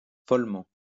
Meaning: madly; insanely
- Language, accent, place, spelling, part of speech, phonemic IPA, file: French, France, Lyon, follement, adverb, /fɔl.mɑ̃/, LL-Q150 (fra)-follement.wav